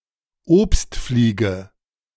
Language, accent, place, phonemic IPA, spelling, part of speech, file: German, Germany, Berlin, /ˈoːpstˌfliːɡə/, Obstfliege, noun, De-Obstfliege.ogg
- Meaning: fruit fly (Drosophilidae)